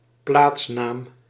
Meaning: toponym
- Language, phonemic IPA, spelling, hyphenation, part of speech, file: Dutch, /ˈplaːts.naːm/, plaatsnaam, plaats‧naam, noun, Nl-plaatsnaam.ogg